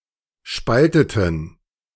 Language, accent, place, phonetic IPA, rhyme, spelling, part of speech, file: German, Germany, Berlin, [ˈʃpaltətn̩], -altətn̩, spalteten, verb, De-spalteten.ogg
- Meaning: inflection of spalten: 1. first/third-person plural preterite 2. first/third-person plural subjunctive II